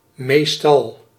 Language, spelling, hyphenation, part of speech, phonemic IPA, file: Dutch, meestal, meest‧al, adverb, /ˈmeːs.tɑl/, Nl-meestal.ogg
- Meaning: most of the time, in most cases, usually